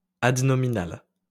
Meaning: adnominal
- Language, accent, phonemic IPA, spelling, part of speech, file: French, France, /ad.nɔ.mi.nal/, adnominal, adjective, LL-Q150 (fra)-adnominal.wav